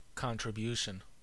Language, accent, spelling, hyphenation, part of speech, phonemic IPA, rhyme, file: English, US, contribution, con‧tri‧bu‧tion, noun, /ˌkɑntɹɪˈbjuʃən/, -uːʃən, En-us-contribution.ogg
- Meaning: 1. Something given or offered that adds to a larger whole 2. An amount of money given toward something 3. The act of contributing